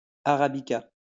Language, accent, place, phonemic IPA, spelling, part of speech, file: French, France, Lyon, /a.ʁa.bi.ka/, arabica, noun, LL-Q150 (fra)-arabica.wav
- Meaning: arabica (coffee)